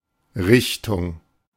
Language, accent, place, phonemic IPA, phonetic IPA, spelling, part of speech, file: German, Germany, Berlin, /ˈʁɪçtʊŋ/, [ˈʁɪçtʰʊŋ], Richtung, noun / preposition, De-Richtung.ogg
- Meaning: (noun) 1. direction 2. school of thought, branch, subfield (also used in a wider sense of "type" in certain compounds)